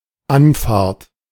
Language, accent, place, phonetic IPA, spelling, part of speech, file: German, Germany, Berlin, [ˈʔanfaːɐ̯t], Anfahrt, noun, De-Anfahrt.ogg
- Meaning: 1. approach by car 2. access road, access route